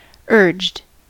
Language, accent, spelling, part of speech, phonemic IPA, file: English, US, urged, adjective / verb, /ɝd͡ʒd/, En-us-urged.ogg
- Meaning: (adjective) having an urge to do something; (verb) simple past and past participle of urge